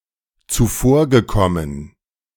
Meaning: past participle of zuvorkommen
- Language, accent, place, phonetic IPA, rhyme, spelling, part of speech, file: German, Germany, Berlin, [t͡suˈfoːɐ̯ɡəˌkɔmən], -oːɐ̯ɡəkɔmən, zuvorgekommen, verb, De-zuvorgekommen.ogg